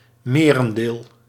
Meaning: majority, largest proportion
- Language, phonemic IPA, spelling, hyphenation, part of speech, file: Dutch, /ˈmeː.rə(n)ˈdeːl/, merendeel, me‧ren‧deel, noun, Nl-merendeel.ogg